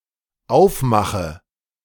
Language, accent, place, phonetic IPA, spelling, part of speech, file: German, Germany, Berlin, [ˈaʊ̯fˌmaxə], aufmache, verb, De-aufmache.ogg
- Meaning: inflection of aufmachen: 1. first-person singular dependent present 2. first/third-person singular dependent subjunctive I